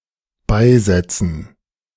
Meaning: 1. to bury 2. to add
- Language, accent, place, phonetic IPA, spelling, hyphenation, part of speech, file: German, Germany, Berlin, [ˈbaɪ̯ˌzɛt͡sn̩], beisetzen, bei‧set‧zen, verb, De-beisetzen.ogg